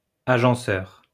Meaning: arranger
- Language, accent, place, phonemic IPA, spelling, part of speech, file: French, France, Lyon, /a.ʒɑ̃.sœʁ/, agenceur, noun, LL-Q150 (fra)-agenceur.wav